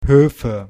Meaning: nominative/accusative/genitive plural of Hof
- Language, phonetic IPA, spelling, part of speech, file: German, [ˈhøːfə], Höfe, noun, De-Höfe.ogg